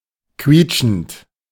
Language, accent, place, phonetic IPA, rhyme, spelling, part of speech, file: German, Germany, Berlin, [ˈkviːt͡ʃn̩t], -iːt͡ʃn̩t, quietschend, adjective / verb, De-quietschend.ogg
- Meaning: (verb) present participle of quietschen; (adjective) squeaky